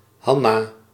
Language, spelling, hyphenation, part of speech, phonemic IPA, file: Dutch, Hannah, Han‧nah, proper noun, /ˈɦɑ.naː/, Nl-Hannah.ogg
- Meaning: alternative spelling of Hanna